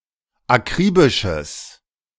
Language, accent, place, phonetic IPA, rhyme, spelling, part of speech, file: German, Germany, Berlin, [aˈkʁiːbɪʃəs], -iːbɪʃəs, akribisches, adjective, De-akribisches.ogg
- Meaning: strong/mixed nominative/accusative neuter singular of akribisch